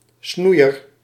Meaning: pruner (person who prunes)
- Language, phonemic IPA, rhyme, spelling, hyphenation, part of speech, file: Dutch, /ˈsnui̯ər/, -ui̯ər, snoeier, snoe‧ier, noun, Nl-snoeier.ogg